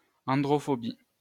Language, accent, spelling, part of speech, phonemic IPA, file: French, France, androphobie, noun, /ɑ̃.dʁɔ.fɔ.bi/, LL-Q150 (fra)-androphobie.wav
- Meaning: androphobia